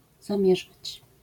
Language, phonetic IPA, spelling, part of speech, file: Polish, [zãˈmʲjɛʒat͡ɕ], zamierzać, verb, LL-Q809 (pol)-zamierzać.wav